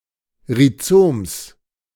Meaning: genitive singular of Rhizom
- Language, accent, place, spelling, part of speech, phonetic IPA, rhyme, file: German, Germany, Berlin, Rhizoms, noun, [ʁiˈt͡soːms], -oːms, De-Rhizoms.ogg